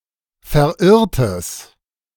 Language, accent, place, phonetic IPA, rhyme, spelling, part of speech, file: German, Germany, Berlin, [fɛɐ̯ˈʔɪʁtəs], -ɪʁtəs, verirrtes, adjective, De-verirrtes.ogg
- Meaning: strong/mixed nominative/accusative neuter singular of verirrt